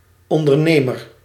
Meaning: entrepreneur
- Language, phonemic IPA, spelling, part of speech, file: Dutch, /ˌɔn.dərˈneː.mər/, ondernemer, noun, Nl-ondernemer.ogg